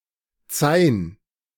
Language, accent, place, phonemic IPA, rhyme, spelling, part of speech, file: German, Germany, Berlin, /t͡saɪ̯n/, -aɪ̯n, Zain, noun, De-Zain.ogg
- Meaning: A metal rod / blank that will be forged